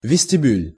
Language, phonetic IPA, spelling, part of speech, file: Russian, [vʲɪsʲtʲɪˈbʲʉlʲ], вестибюль, noun, Ru-вестибюль.ogg
- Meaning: lobby, foyer